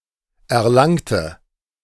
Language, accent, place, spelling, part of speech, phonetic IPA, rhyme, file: German, Germany, Berlin, erlangte, adjective / verb, [ɛɐ̯ˈlaŋtə], -aŋtə, De-erlangte.ogg
- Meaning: inflection of erlangt: 1. strong/mixed nominative/accusative feminine singular 2. strong nominative/accusative plural 3. weak nominative all-gender singular 4. weak accusative feminine/neuter singular